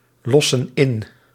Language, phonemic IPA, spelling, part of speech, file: Dutch, /ˈlɔsə(n) ˈɪn/, lossen in, verb, Nl-lossen in.ogg
- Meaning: inflection of inlossen: 1. plural present indicative 2. plural present subjunctive